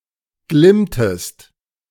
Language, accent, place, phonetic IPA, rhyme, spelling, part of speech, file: German, Germany, Berlin, [ˈɡlɪmtəst], -ɪmtəst, glimmtest, verb, De-glimmtest.ogg
- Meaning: inflection of glimmen: 1. second-person singular preterite 2. second-person singular subjunctive II